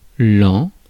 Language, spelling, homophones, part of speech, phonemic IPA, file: French, an, en / ans, noun, /ɑ̃/, Fr-an.ogg
- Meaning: year